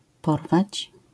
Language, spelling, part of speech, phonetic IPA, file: Polish, porwać, verb, [ˈpɔrvat͡ɕ], LL-Q809 (pol)-porwać.wav